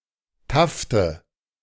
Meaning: nominative/accusative/genitive plural of Taft
- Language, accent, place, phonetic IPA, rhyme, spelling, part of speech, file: German, Germany, Berlin, [ˈtaftə], -aftə, Tafte, noun, De-Tafte.ogg